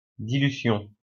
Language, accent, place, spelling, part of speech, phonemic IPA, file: French, France, Lyon, dilution, noun, /di.ly.sjɔ̃/, LL-Q150 (fra)-dilution.wav
- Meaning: dilution